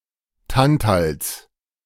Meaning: genitive singular of Tantal
- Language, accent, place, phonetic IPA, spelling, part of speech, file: German, Germany, Berlin, [ˈtantals], Tantals, noun, De-Tantals.ogg